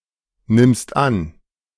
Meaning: second-person singular present of annehmen
- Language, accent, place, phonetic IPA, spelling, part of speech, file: German, Germany, Berlin, [ˌnɪmst ˈan], nimmst an, verb, De-nimmst an.ogg